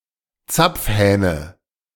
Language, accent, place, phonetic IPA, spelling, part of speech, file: German, Germany, Berlin, [ˈt͡sap͡fˌhɛːnə], Zapfhähne, noun, De-Zapfhähne.ogg
- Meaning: nominative/accusative/genitive plural of Zapfhahn